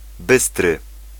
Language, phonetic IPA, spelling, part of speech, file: Polish, [ˈbɨstrɨ], bystry, adjective, Pl-bystry.ogg